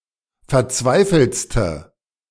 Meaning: inflection of verzweifelt: 1. strong/mixed nominative/accusative feminine singular superlative degree 2. strong nominative/accusative plural superlative degree
- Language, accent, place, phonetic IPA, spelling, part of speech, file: German, Germany, Berlin, [fɛɐ̯ˈt͡svaɪ̯fl̩t͡stə], verzweifeltste, adjective, De-verzweifeltste.ogg